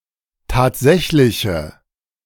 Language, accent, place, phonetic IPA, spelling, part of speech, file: German, Germany, Berlin, [ˈtaːtˌzɛçlɪçə], tatsächliche, adjective, De-tatsächliche.ogg
- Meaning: inflection of tatsächlich: 1. strong/mixed nominative/accusative feminine singular 2. strong nominative/accusative plural 3. weak nominative all-gender singular